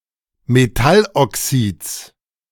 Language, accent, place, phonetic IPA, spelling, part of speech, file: German, Germany, Berlin, [meˈtalʔɔˌksiːt͡s], Metalloxids, noun, De-Metalloxids.ogg
- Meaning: genitive singular of Metalloxid